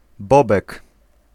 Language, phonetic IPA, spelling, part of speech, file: Polish, [ˈbɔbɛk], bobek, noun, Pl-bobek.ogg